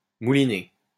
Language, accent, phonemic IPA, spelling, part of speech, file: French, France, /mu.li.ne/, mouliner, verb, LL-Q150 (fra)-mouliner.wav
- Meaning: 1. to mill (all senses) 2. to grind